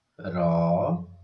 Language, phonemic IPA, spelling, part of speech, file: Odia, /ɾɔ/, ର, character, Or-ର.oga
- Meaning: The forty-second character in the Odia abugida